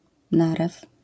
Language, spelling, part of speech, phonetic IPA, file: Polish, Narew, proper noun, [ˈnarɛf], LL-Q809 (pol)-Narew.wav